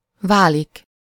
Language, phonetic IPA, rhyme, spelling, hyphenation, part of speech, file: Hungarian, [ˈvaːlik], -aːlik, válik, vá‧lik, verb, Hu-válik.ogg
- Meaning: 1. to become, to turn or turn into (something -vá/-vé or -ra/-re with valóra) 2. to become, to make, to come to (out of someone -ból/-ből)